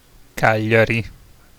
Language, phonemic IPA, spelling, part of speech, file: Italian, /ˈkaʎʎari/, Cagliari, proper noun, It-Cagliari.ogg